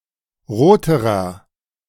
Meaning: inflection of rot: 1. strong/mixed nominative masculine singular comparative degree 2. strong genitive/dative feminine singular comparative degree 3. strong genitive plural comparative degree
- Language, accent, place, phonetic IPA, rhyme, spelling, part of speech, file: German, Germany, Berlin, [ˈʁoːtəʁɐ], -oːtəʁɐ, roterer, adjective, De-roterer.ogg